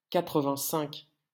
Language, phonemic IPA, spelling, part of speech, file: French, /ka.tʁə.vɛ̃.sɛ̃k/, quatre-vingt-cinq, numeral, LL-Q150 (fra)-quatre-vingt-cinq.wav
- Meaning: eighty-five